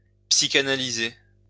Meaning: to psychoanalyze
- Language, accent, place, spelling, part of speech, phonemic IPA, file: French, France, Lyon, psychanalyser, verb, /psi.ka.na.li.ze/, LL-Q150 (fra)-psychanalyser.wav